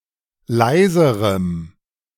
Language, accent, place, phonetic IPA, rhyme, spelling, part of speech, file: German, Germany, Berlin, [ˈlaɪ̯zəʁəm], -aɪ̯zəʁəm, leiserem, adjective, De-leiserem.ogg
- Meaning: strong dative masculine/neuter singular comparative degree of leise